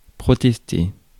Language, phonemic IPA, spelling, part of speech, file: French, /pʁɔ.tɛs.te/, protester, verb, Fr-protester.ogg
- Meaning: to protest; to object